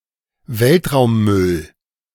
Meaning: space debris, space junk
- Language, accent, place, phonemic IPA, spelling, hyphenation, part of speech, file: German, Germany, Berlin, /ˈvɛltʁaʊ̯mˌmʏl/, Weltraummüll, Welt‧raum‧müll, noun, De-Weltraummüll.ogg